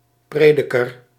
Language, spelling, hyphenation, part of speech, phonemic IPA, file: Dutch, prediker, pre‧di‧ker, noun, /ˈpreː.dɪ.kər/, Nl-prediker.ogg
- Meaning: preacher